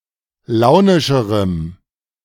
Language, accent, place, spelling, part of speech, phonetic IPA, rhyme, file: German, Germany, Berlin, launischerem, adjective, [ˈlaʊ̯nɪʃəʁəm], -aʊ̯nɪʃəʁəm, De-launischerem.ogg
- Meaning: strong dative masculine/neuter singular comparative degree of launisch